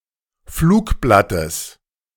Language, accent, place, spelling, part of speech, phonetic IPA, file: German, Germany, Berlin, Flugblattes, noun, [ˈfluːkˌblatəs], De-Flugblattes.ogg
- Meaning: genitive of Flugblatt